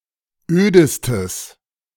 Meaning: strong/mixed nominative/accusative neuter singular superlative degree of öd
- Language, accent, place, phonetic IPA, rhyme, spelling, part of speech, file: German, Germany, Berlin, [ˈøːdəstəs], -øːdəstəs, ödestes, adjective, De-ödestes.ogg